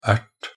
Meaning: a pea (plant and vegetable)
- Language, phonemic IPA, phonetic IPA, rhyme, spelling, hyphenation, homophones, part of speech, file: Norwegian Bokmål, /ɛɾt/, [ˈæʈːʰ], -ɛɾt, ert, ert, -ert, noun, Nb-ert.ogg